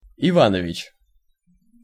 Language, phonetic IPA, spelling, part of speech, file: Russian, [ɪˈvanəvʲɪt͡ɕ], Иванович, proper noun, Ru-Иванович.ogg
- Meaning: 1. a male patronymic, Ivanovich and Ivanovitch 2. a surname, Ivanovich and Ivanovitch, equivalent to Serbo-Croatian Ивановић or Ivanović